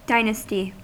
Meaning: 1. A series of rulers or dynasts from one family 2. A family considered over time, with its ancestors and descendants 3. The polity or historical era under the rule of a certain dynasty
- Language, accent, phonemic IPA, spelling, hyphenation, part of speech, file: English, US, /ˈdaɪnəsti/, dynasty, dy‧nas‧ty, noun, En-us-dynasty.ogg